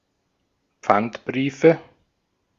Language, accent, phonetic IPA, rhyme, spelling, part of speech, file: German, Austria, [ˈp͡fantˌbʁiːfə], -antbʁiːfə, Pfandbriefe, noun, De-at-Pfandbriefe.ogg
- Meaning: nominative/accusative/genitive plural of Pfandbrief